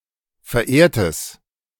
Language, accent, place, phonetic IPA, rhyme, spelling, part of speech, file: German, Germany, Berlin, [fɛɐ̯ˈʔeːɐ̯təs], -eːɐ̯təs, verehrtes, adjective, De-verehrtes.ogg
- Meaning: strong/mixed nominative/accusative neuter singular of verehrt